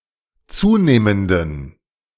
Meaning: inflection of zunehmend: 1. strong genitive masculine/neuter singular 2. weak/mixed genitive/dative all-gender singular 3. strong/weak/mixed accusative masculine singular 4. strong dative plural
- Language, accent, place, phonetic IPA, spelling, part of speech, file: German, Germany, Berlin, [ˈt͡suːneːməndn̩], zunehmenden, adjective, De-zunehmenden.ogg